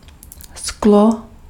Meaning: glass (material)
- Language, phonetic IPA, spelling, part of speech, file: Czech, [ˈsklo], sklo, noun, Cs-sklo.ogg